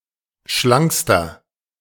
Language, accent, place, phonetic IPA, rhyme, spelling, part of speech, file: German, Germany, Berlin, [ˈʃlaŋkstɐ], -aŋkstɐ, schlankster, adjective, De-schlankster.ogg
- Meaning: inflection of schlank: 1. strong/mixed nominative masculine singular superlative degree 2. strong genitive/dative feminine singular superlative degree 3. strong genitive plural superlative degree